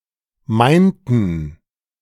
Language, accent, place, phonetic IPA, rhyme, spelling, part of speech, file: German, Germany, Berlin, [ˈmaɪ̯ntn̩], -aɪ̯ntn̩, meinten, verb, De-meinten.ogg
- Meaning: inflection of meinen: 1. first/third-person plural preterite 2. first/third-person plural subjunctive II